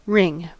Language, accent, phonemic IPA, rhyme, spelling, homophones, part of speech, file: English, US, /ɹɪŋ/, -ɪŋ, ring, wring, noun / verb, En-us-ring.ogg
- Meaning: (noun) A solid object in the shape of a circle.: A circumscribing object, (roughly) circular and hollow, looking like an annual ring, earring, finger ring etc